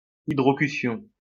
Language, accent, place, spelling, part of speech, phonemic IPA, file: French, France, Lyon, hydrocution, noun, /i.dʁɔ.ky.sjɔ̃/, LL-Q150 (fra)-hydrocution.wav
- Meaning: immersion syncope